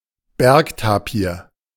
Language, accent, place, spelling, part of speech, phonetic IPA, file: German, Germany, Berlin, Bergtapir, noun, [ˈbɛʁkˌtaːpiːɐ̯], De-Bergtapir.ogg
- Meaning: mountain tapir